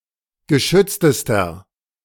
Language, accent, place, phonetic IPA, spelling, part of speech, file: German, Germany, Berlin, [ɡəˈʃʏt͡stəstɐ], geschütztester, adjective, De-geschütztester.ogg
- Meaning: inflection of geschützt: 1. strong/mixed nominative masculine singular superlative degree 2. strong genitive/dative feminine singular superlative degree 3. strong genitive plural superlative degree